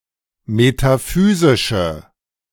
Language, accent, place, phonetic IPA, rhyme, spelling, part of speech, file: German, Germany, Berlin, [metaˈfyːzɪʃə], -yːzɪʃə, metaphysische, adjective, De-metaphysische.ogg
- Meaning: inflection of metaphysisch: 1. strong/mixed nominative/accusative feminine singular 2. strong nominative/accusative plural 3. weak nominative all-gender singular